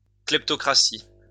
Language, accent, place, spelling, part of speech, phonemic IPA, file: French, France, Lyon, kleptocratie, noun, /klɛp.tɔ.kʁa.si/, LL-Q150 (fra)-kleptocratie.wav
- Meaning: kleptocracy